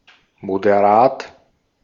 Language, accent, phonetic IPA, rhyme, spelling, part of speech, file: German, Austria, [modeˈʁaːt], -aːt, moderat, adjective, De-at-moderat.ogg
- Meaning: moderate